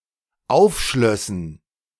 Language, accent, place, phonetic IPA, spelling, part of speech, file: German, Germany, Berlin, [ˈaʊ̯fˌʃlœsn̩], aufschlössen, verb, De-aufschlössen.ogg
- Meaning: first/third-person plural dependent subjunctive II of aufschließen